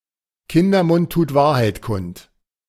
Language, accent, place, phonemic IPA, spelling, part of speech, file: German, Germany, Berlin, /ˈkɪndərˌmʊnt tuːt ˈvaːrhaɪ̯t ˌkʊnt/, Kindermund tut Wahrheit kund, proverb, De-Kindermund tut Wahrheit kund.ogg
- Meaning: out of the mouths of babes comes truth: 1. children have a pure heart and an original intuition, which makes them wise 2. children have no social inhibition and therefore speak their mind